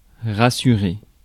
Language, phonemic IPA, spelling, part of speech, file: French, /ʁa.sy.ʁe/, rassurer, verb, Fr-rassurer.ogg
- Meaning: 1. to reassure 2. to calm down